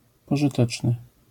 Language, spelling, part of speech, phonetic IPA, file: Polish, pożyteczny, adjective, [ˌpɔʒɨˈtɛt͡ʃnɨ], LL-Q809 (pol)-pożyteczny.wav